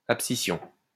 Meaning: abscission
- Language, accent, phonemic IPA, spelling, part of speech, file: French, France, /ap.si.sjɔ̃/, abscission, noun, LL-Q150 (fra)-abscission.wav